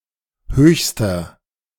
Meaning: inflection of hoch: 1. strong/mixed nominative masculine singular superlative degree 2. strong genitive/dative feminine singular superlative degree 3. strong genitive plural superlative degree
- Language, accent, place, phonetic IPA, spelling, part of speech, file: German, Germany, Berlin, [ˈhøːçstɐ], höchster, adjective, De-höchster.ogg